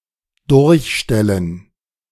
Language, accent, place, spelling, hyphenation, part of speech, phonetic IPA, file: German, Germany, Berlin, durchstellen, durch‧stel‧len, verb, [ˈdʊʁçˌʃtɛlən], De-durchstellen.ogg
- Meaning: to put through (i.e. a phone call)